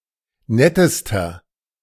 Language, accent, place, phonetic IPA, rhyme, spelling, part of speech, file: German, Germany, Berlin, [ˈnɛtəstɐ], -ɛtəstɐ, nettester, adjective, De-nettester.ogg
- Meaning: inflection of nett: 1. strong/mixed nominative masculine singular superlative degree 2. strong genitive/dative feminine singular superlative degree 3. strong genitive plural superlative degree